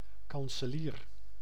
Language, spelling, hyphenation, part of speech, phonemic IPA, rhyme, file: Dutch, kanselier, kan‧se‧lier, noun, /ˌkɑn.səˈliːr/, -iːr, Nl-kanselier.ogg
- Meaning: chancellor, high officer in a government, princely court, court of justice, order of chivalry, diplomatic or consular mission